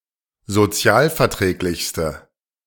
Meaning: inflection of sozialverträglich: 1. strong/mixed nominative/accusative feminine singular superlative degree 2. strong nominative/accusative plural superlative degree
- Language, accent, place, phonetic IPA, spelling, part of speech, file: German, Germany, Berlin, [zoˈt͡si̯aːlfɛɐ̯ˌtʁɛːklɪçstə], sozialverträglichste, adjective, De-sozialverträglichste.ogg